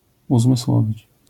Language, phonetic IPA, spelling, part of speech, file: Polish, [ˌuzmɨˈswɔvʲit͡ɕ], uzmysłowić, verb, LL-Q809 (pol)-uzmysłowić.wav